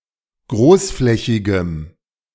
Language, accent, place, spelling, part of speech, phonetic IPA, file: German, Germany, Berlin, großflächigem, adjective, [ˈɡʁoːsˌflɛçɪɡəm], De-großflächigem.ogg
- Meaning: strong dative masculine/neuter singular of großflächig